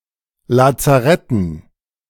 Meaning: dative plural of Lazarett
- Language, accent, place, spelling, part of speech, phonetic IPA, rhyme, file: German, Germany, Berlin, Lazaretten, noun, [lat͡saˈʁɛtn̩], -ɛtn̩, De-Lazaretten.ogg